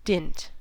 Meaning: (noun) 1. Especially in by dint of: force, power 2. The mark left by a blow; an indentation or impression made by violence; a dent 3. A blow, stroke, especially dealt in a fight; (verb) To dent
- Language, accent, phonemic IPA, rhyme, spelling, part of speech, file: English, US, /dɪnt/, -ɪnt, dint, noun / verb / contraction, En-us-dint.ogg